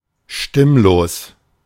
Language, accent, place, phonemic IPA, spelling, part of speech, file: German, Germany, Berlin, /ˈʃtɪmloːs/, stimmlos, adjective, De-stimmlos.ogg
- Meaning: voiceless; spoken without vibration of the vocal cords; unvoiced